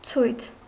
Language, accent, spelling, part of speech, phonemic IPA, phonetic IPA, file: Armenian, Eastern Armenian, ցույց, noun, /t͡sʰujt͡sʰ/, [t͡sʰujt͡sʰ], Hy-ցույց.ogg
- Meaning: demonstration, manifestation, rally (public display of group opinion)